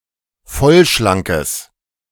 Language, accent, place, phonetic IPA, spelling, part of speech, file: German, Germany, Berlin, [ˈfɔlʃlaŋkəs], vollschlankes, adjective, De-vollschlankes.ogg
- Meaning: strong/mixed nominative/accusative neuter singular of vollschlank